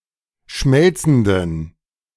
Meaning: inflection of schmelzend: 1. strong genitive masculine/neuter singular 2. weak/mixed genitive/dative all-gender singular 3. strong/weak/mixed accusative masculine singular 4. strong dative plural
- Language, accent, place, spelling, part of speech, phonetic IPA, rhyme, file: German, Germany, Berlin, schmelzenden, adjective, [ˈʃmɛlt͡sn̩dən], -ɛlt͡sn̩dən, De-schmelzenden.ogg